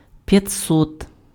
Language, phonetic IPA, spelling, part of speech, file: Ukrainian, [pjɐˈt͡sɔt], п'ятсот, numeral, Uk-п'ятсот.ogg
- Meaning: five hundred